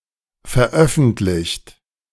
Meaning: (verb) 1. past participle of veröffentlichen 2. inflection of veröffentlichen: third-person singular present 3. inflection of veröffentlichen: second-person plural present
- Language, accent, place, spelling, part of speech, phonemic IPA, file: German, Germany, Berlin, veröffentlicht, verb / adjective, /fɛɐ̯ˈʔœfn̩tlɪçt/, De-veröffentlicht.ogg